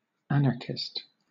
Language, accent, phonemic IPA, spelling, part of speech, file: English, Southern England, /ˈæn.ə.kɪst/, anarchist, noun / adjective, LL-Q1860 (eng)-anarchist.wav
- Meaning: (noun) One who believes in or advocates the absence of hierarchy and authority in most forms (compare anarchism), especially one who works toward the realization of such